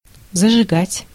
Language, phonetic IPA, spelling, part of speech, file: Russian, [zəʐɨˈɡatʲ], зажигать, verb, Ru-зажигать.ogg
- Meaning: to set fire, to light, to kindle, to inflame, to ignite, to turn on (headlights)